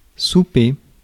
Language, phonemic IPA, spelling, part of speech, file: French, /su.pe/, souper, noun / verb, Fr-souper.ogg
- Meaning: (noun) 1. dinner (the main evening meal) 2. a light meal eaten at night, after the main evening meal; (verb) to dine